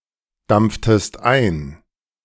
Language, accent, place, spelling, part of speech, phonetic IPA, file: German, Germany, Berlin, dampftest ein, verb, [ˌdamp͡ftəst ˈaɪ̯n], De-dampftest ein.ogg
- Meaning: inflection of eindampfen: 1. second-person singular preterite 2. second-person singular subjunctive II